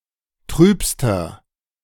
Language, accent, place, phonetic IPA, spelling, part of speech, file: German, Germany, Berlin, [ˈtʁyːpstɐ], trübster, adjective, De-trübster.ogg
- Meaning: inflection of trüb: 1. strong/mixed nominative masculine singular superlative degree 2. strong genitive/dative feminine singular superlative degree 3. strong genitive plural superlative degree